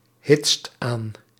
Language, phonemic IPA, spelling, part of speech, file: Dutch, /ˈhɪtst ˈan/, hitst aan, verb, Nl-hitst aan.ogg
- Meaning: inflection of aanhitsen: 1. second/third-person singular present indicative 2. plural imperative